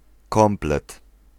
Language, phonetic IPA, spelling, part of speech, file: Polish, [ˈkɔ̃mplɛt], komplet, noun, Pl-komplet.ogg